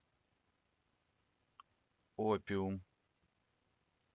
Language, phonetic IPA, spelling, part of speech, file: Russian, [ˈopʲɪʊm], опиум, noun, Ru-опиум.oga
- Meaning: opium